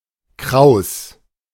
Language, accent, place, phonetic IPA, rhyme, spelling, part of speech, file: German, Germany, Berlin, [kʁaʊ̯s], -aʊ̯s, kraus, adjective / verb, De-kraus.ogg
- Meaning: curly